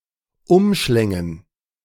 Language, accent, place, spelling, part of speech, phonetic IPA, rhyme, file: German, Germany, Berlin, umschlängen, verb, [ˈʊmˌʃlɛŋən], -ʊmʃlɛŋən, De-umschlängen.ogg
- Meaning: first-person plural subjunctive II of umschlingen